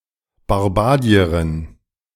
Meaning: female Barbadian
- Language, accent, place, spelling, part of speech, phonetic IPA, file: German, Germany, Berlin, Barbadierin, noun, [baʁˈbaːdi̯əʁɪn], De-Barbadierin.ogg